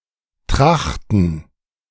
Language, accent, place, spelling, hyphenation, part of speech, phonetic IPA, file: German, Germany, Berlin, trachten, trach‧ten, verb, [ˈtʁaχtn̩], De-trachten.ogg
- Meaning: to seek, strive